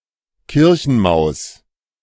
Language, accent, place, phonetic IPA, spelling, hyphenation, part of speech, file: German, Germany, Berlin, [ˈkɪʁçn̩maʊ̯s], Kirchenmaus, Kir‧chen‧maus, noun, De-Kirchenmaus.ogg
- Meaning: mouse (living) in a church (nearly exclusively used in the idiom arm wie eine Kirchenmaus)